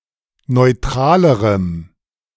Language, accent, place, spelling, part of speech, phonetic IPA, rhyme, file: German, Germany, Berlin, neutralerem, adjective, [nɔɪ̯ˈtʁaːləʁəm], -aːləʁəm, De-neutralerem.ogg
- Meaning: strong dative masculine/neuter singular comparative degree of neutral